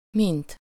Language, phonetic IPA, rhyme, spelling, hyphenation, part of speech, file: Hungarian, [ˈmint], -int, mint, mint, adverb / conjunction, Hu-mint.ogg
- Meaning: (adverb) 1. as, how (in the manner or way that) 2. how? (in what way or manner); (conjunction) 1. than (specifying the basis of comparison) 2. as …… as (to the same extent or degree)